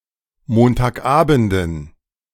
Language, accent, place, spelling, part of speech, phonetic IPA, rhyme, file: German, Germany, Berlin, Montagabenden, noun, [ˌmoːntaːkˈʔaːbn̩dən], -aːbn̩dən, De-Montagabenden.ogg
- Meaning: dative plural of Montagabend